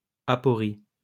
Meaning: aporia
- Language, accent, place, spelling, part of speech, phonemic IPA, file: French, France, Lyon, aporie, noun, /a.pɔ.ʁi/, LL-Q150 (fra)-aporie.wav